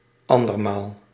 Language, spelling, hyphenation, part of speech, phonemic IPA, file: Dutch, andermaal, an‧der‧maal, adverb, /ˈɑn.dərˌmaːl/, Nl-andermaal.ogg
- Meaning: once again, for the second time